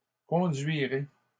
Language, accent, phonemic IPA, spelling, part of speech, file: French, Canada, /kɔ̃.dɥi.ʁe/, conduirez, verb, LL-Q150 (fra)-conduirez.wav
- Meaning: second-person plural future of conduire